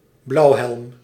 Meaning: blue helmet (soldier or civilian employee of a UN peacekeeping mission)
- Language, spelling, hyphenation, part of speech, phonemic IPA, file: Dutch, blauwhelm, blauw‧helm, noun, /ˈblɑu̯.ɦɛlm/, Nl-blauwhelm.ogg